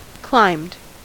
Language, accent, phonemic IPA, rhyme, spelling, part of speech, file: English, US, /klaɪmd/, -aɪmd, climbed, verb, En-us-climbed.ogg
- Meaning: simple past and past participle of climb